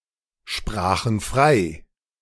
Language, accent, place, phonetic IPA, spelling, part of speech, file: German, Germany, Berlin, [ˌʃpʁaːxn̩ ˈfʁaɪ̯], sprachen frei, verb, De-sprachen frei.ogg
- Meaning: first/third-person plural preterite of freisprechen